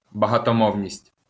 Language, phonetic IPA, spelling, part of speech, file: Ukrainian, [bɐɦɐtɔˈmɔu̯nʲisʲtʲ], багатомовність, noun, LL-Q8798 (ukr)-багатомовність.wav
- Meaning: multilingualism